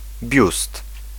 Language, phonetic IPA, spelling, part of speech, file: Polish, [bʲjust], biust, noun, Pl-biust.ogg